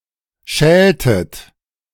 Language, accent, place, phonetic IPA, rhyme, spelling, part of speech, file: German, Germany, Berlin, [ˈʃɛːltət], -ɛːltət, schältet, verb, De-schältet.ogg
- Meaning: inflection of schälen: 1. second-person plural preterite 2. second-person plural subjunctive II